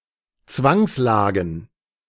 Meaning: plural of Zwangslage
- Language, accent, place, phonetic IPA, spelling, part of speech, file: German, Germany, Berlin, [ˈt͡svaŋsˌlaːɡn̩], Zwangslagen, noun, De-Zwangslagen.ogg